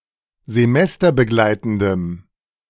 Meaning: strong dative masculine/neuter singular of semesterbegleitend
- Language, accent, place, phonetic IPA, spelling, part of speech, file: German, Germany, Berlin, [zeˈmɛstɐbəˌɡlaɪ̯tn̩dəm], semesterbegleitendem, adjective, De-semesterbegleitendem.ogg